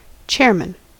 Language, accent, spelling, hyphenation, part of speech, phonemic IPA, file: English, US, chairman, chair‧man, noun / verb, /ˈtʃɛɹ.mən/, En-us-chairman.ogg
- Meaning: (noun) A person presiding over a meeting, sometimes especially a man. (Compare chairwoman, chairperson, chair.)